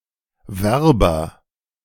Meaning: 1. advertising specialist 2. military recruiter 3. applicant
- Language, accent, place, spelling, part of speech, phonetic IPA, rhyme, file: German, Germany, Berlin, Werber, noun, [ˈvɛʁbɐ], -ɛʁbɐ, De-Werber.ogg